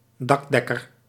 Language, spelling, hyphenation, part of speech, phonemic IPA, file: Dutch, dakdekker, dak‧dek‧ker, noun, /ˈdɑkdɛkər/, Nl-dakdekker.ogg
- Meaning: roofer